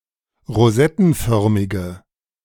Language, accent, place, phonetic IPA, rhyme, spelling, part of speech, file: German, Germany, Berlin, [ʁoˈzɛtn̩ˌfœʁmɪɡə], -ɛtn̩fœʁmɪɡə, rosettenförmige, adjective, De-rosettenförmige.ogg
- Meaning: inflection of rosettenförmig: 1. strong/mixed nominative/accusative feminine singular 2. strong nominative/accusative plural 3. weak nominative all-gender singular